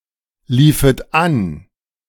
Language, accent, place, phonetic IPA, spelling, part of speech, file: German, Germany, Berlin, [ˌliːfət ˈan], liefet an, verb, De-liefet an.ogg
- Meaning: second-person plural subjunctive II of anlaufen